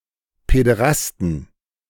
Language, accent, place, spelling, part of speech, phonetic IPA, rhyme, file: German, Germany, Berlin, Päderasten, noun, [pɛdəˈʁastn̩], -astn̩, De-Päderasten.ogg
- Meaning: 1. genitive singular of Päderast 2. plural of Päderast